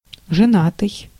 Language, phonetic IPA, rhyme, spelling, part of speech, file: Russian, [ʐɨˈnatɨj], -atɨj, женатый, adjective, Ru-женатый.ogg
- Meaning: 1. married, having a wife 2. married, having a spouse